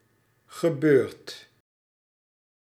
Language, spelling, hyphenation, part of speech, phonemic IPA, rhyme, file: Dutch, gebeurd, ge‧beurd, verb, /ɣəˈbøːrt/, -øːrt, Nl-gebeurd.ogg
- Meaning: past participle of gebeuren